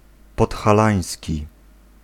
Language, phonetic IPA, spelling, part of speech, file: Polish, [ˌpɔtxaˈlãj̃sʲci], podhalański, adjective, Pl-podhalański.ogg